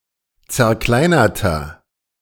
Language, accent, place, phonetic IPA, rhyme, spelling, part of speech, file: German, Germany, Berlin, [t͡sɛɐ̯ˈklaɪ̯nɐtɐ], -aɪ̯nɐtɐ, zerkleinerter, adjective, De-zerkleinerter.ogg
- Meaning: inflection of zerkleinert: 1. strong/mixed nominative masculine singular 2. strong genitive/dative feminine singular 3. strong genitive plural